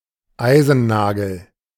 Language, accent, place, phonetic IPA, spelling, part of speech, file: German, Germany, Berlin, [ˈaɪ̯zn̩ˌnaːɡl̩], Eisennagel, noun, De-Eisennagel.ogg
- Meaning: iron nail